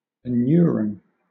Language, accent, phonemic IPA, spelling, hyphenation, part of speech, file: English, Southern England, /əˈnjʊəɹ(ə)n/, anuran, an‧ur‧an, noun / adjective, LL-Q1860 (eng)-anuran.wav
- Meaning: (noun) Any amphibian of the order Anura: any frog (narrow sense) or toad; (adjective) Of or relating to the order Anura